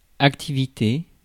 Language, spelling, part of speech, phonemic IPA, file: French, activité, noun, /ak.ti.vi.te/, Fr-activité.ogg
- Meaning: 1. activity (something to do for educational, recreational, or other purposes) 2. activity, hustle and bustle 3. occupation, profession, job, work